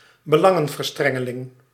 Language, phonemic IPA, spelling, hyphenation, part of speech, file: Dutch, /bəˈlɑ.ŋə(n).vərˌstrɛ.ŋə.lɪŋ/, belangenverstrengeling, be‧lan‧gen‧ver‧stren‧ge‧ling, noun, Nl-belangenverstrengeling.ogg
- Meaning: conflict of interest